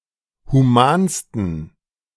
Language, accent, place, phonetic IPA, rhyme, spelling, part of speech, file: German, Germany, Berlin, [huˈmaːnstn̩], -aːnstn̩, humansten, adjective, De-humansten.ogg
- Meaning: 1. superlative degree of human 2. inflection of human: strong genitive masculine/neuter singular superlative degree